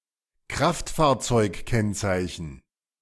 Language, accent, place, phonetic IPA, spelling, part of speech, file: German, Germany, Berlin, [ˈkʁaftfaːɐ̯t͡sɔɪ̯kˌkɛnt͡saɪ̯çn̩], Kraftfahrzeugkennzeichen, noun, De-Kraftfahrzeugkennzeichen.ogg
- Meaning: license plate, number plate